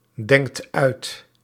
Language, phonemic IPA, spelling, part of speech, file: Dutch, /ˈdɛŋkt ˈœyt/, denkt uit, verb, Nl-denkt uit.ogg
- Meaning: inflection of uitdenken: 1. second/third-person singular present indicative 2. plural imperative